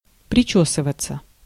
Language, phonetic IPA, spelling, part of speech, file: Russian, [prʲɪˈt͡ɕɵsɨvət͡sə], причёсываться, verb, Ru-причёсываться.ogg
- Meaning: 1. to comb one's hair 2. passive of причёсывать (pričósyvatʹ)